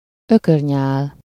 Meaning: gossamer, spider silk (a fine film or strand of cobwebs, floating in the air or caught on bushes)
- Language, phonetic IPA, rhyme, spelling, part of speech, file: Hungarian, [ˈøkørɲaːl], -aːl, ökörnyál, noun, Hu-ökörnyál.ogg